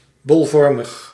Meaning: spherical, globular
- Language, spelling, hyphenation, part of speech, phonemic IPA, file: Dutch, bolvormig, bol‧vor‧mig, adjective, /ˌbɔlˈvɔr.məx/, Nl-bolvormig.ogg